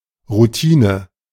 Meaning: routine
- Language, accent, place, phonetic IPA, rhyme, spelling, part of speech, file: German, Germany, Berlin, [ʁuˈtiːnə], -iːnə, Routine, noun, De-Routine.ogg